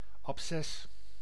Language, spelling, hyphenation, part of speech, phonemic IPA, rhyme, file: Dutch, abces, ab‧ces, noun, /ɑpˈsɛs/, -ɛs, Nl-abces.ogg
- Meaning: abscess